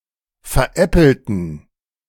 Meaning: inflection of veräppeln: 1. first/third-person plural preterite 2. first/third-person plural subjunctive II
- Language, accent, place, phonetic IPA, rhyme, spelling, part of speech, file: German, Germany, Berlin, [fɛɐ̯ˈʔɛpl̩tn̩], -ɛpl̩tn̩, veräppelten, adjective / verb, De-veräppelten.ogg